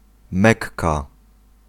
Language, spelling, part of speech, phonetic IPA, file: Polish, mekka, noun, [ˈmɛkːa], Pl-mekka.ogg